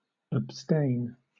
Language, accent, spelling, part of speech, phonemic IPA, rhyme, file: English, Southern England, abstain, verb, /əbˈsteɪn/, -eɪn, LL-Q1860 (eng)-abstain.wav
- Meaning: 1. Keep or withhold oneself 2. Refrain from (something or doing something); keep from doing, especially an indulgence